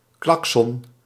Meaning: horn (especially on a motor vehicle)
- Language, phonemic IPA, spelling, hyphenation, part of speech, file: Dutch, /ˈklɑk.sɔn/, claxon, cla‧xon, noun, Nl-claxon.ogg